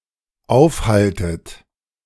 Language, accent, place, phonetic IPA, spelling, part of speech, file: German, Germany, Berlin, [ˈaʊ̯fˌhaltət], aufhaltet, verb, De-aufhaltet.ogg
- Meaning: inflection of aufhalten: 1. second-person plural dependent present 2. second-person plural dependent subjunctive I